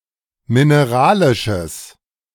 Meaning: strong/mixed nominative/accusative neuter singular of mineralisch
- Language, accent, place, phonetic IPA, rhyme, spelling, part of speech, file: German, Germany, Berlin, [mɪneˈʁaːlɪʃəs], -aːlɪʃəs, mineralisches, adjective, De-mineralisches.ogg